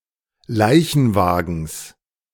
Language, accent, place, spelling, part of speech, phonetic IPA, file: German, Germany, Berlin, Leichenwagens, noun, [ˈlaɪ̯çn̩ˌvaːɡn̩s], De-Leichenwagens.ogg
- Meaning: genitive singular of Leichenwagen